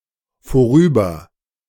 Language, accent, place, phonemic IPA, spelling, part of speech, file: German, Germany, Berlin, /foˈʁyːbɐ/, vorüber-, prefix, De-vorüber-.ogg
- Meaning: A verb prefix; equivalent to (?) past